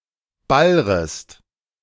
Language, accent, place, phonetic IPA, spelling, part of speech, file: German, Germany, Berlin, [ˈbalʁəst], ballrest, verb, De-ballrest.ogg
- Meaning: second-person singular subjunctive I of ballern